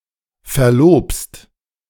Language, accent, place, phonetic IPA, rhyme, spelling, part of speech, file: German, Germany, Berlin, [fɛɐ̯ˈloːpst], -oːpst, verlobst, verb, De-verlobst.ogg
- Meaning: second-person singular present of verloben